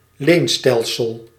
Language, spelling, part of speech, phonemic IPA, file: Dutch, leenstelsel, noun, /ˈlenstɛlsəl/, Nl-leenstelsel.ogg
- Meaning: a system based on loans or rents, especially: the feudal system